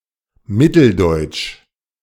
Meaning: Central German, Middle German
- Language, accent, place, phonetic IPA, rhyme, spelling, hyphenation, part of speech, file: German, Germany, Berlin, [ˈmɪtl̩dɔɪ̯tʃ], -ɔɪ̯t͡ʃ, Mitteldeutsch, Mit‧tel‧deutsch, proper noun, De-Mitteldeutsch.ogg